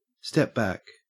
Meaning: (verb) 1. Used other than figuratively or idiomatically: see step, back 2. To stop what one is doing and evaluate the current situation
- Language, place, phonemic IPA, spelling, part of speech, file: English, Queensland, /step ˈbæk/, step back, verb / noun, En-au-step back.ogg